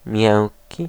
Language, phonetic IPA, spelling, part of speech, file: Polish, [ˈmʲjɛ̃ŋʲci], miękki, adjective / noun, Pl-miękki.ogg